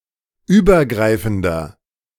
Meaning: inflection of übergreifend: 1. strong/mixed nominative masculine singular 2. strong genitive/dative feminine singular 3. strong genitive plural
- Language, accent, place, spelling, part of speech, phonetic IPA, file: German, Germany, Berlin, übergreifender, adjective, [ˈyːbɐˌɡʁaɪ̯fn̩dɐ], De-übergreifender.ogg